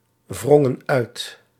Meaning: inflection of uitwringen: 1. plural past indicative 2. plural past subjunctive
- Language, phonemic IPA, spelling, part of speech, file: Dutch, /ˈvrɔŋə(n) ˈœyt/, wrongen uit, verb, Nl-wrongen uit.ogg